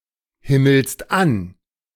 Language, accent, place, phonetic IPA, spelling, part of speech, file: German, Germany, Berlin, [ˌhɪml̩st ˈan], himmelst an, verb, De-himmelst an.ogg
- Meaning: second-person singular present of anhimmeln